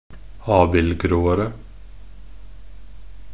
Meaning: comparative degree of abildgrå
- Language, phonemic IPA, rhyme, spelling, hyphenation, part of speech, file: Norwegian Bokmål, /ˈɑːbɪlɡroːərə/, -ərə, abildgråere, ab‧ild‧grå‧er‧e, adjective, Nb-abildgråere.ogg